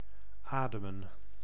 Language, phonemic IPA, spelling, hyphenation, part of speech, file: Dutch, /ˈaːdəmə(n)/, ademen, ade‧men, verb, Nl-ademen.ogg
- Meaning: to breathe